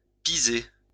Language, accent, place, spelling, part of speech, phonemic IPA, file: French, France, Lyon, pisé, noun, /pi.ze/, LL-Q150 (fra)-pisé.wav
- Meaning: adobe